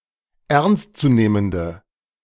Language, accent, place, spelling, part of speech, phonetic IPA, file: German, Germany, Berlin, ernstzunehmende, adjective, [ˈɛʁnstt͡suˌneːməndə], De-ernstzunehmende.ogg
- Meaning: inflection of ernstzunehmend: 1. strong/mixed nominative/accusative feminine singular 2. strong nominative/accusative plural 3. weak nominative all-gender singular